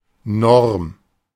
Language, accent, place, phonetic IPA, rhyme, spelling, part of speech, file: German, Germany, Berlin, [nɔʁm], -ɔʁm, Norm, noun, De-Norm.ogg
- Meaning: 1. norm (rule that is enforced by members of a community) 2. technical norm, such as DIN 3. minimally required performance at work or in sports 4. norm